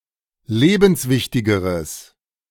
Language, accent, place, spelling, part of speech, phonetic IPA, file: German, Germany, Berlin, lebenswichtigeres, adjective, [ˈleːbn̩sˌvɪçtɪɡəʁəs], De-lebenswichtigeres.ogg
- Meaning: strong/mixed nominative/accusative neuter singular comparative degree of lebenswichtig